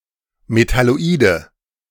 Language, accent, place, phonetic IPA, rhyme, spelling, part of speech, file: German, Germany, Berlin, [metaloˈiːdə], -iːdə, Metalloide, noun, De-Metalloide.ogg
- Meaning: nominative/accusative/genitive plural of Metalloid